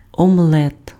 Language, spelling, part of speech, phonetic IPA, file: Ukrainian, омлет, noun, [ɔmˈɫɛt], Uk-омлет.ogg
- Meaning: omelette